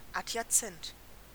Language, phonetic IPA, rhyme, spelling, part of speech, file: German, [ˌatjaˈt͡sɛnt], -ɛnt, adjazent, adjective, De-adjazent.ogg
- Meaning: adjacent